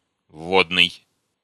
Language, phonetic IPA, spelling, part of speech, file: Russian, [ˈvːodnɨj], вводный, adjective, Ru-вводный.ogg
- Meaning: 1. introductory 2. entrance 3. parenthetic